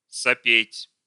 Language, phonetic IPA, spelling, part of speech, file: Russian, [sɐˈpʲetʲ], сопеть, verb, Ru-сопеть.ogg
- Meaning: 1. to wheeze (to breathe heavily and noisily through the nose) 2. to sniffle